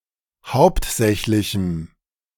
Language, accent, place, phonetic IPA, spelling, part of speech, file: German, Germany, Berlin, [ˈhaʊ̯ptˌzɛçlɪçm̩], hauptsächlichem, adjective, De-hauptsächlichem.ogg
- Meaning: strong dative masculine/neuter singular of hauptsächlich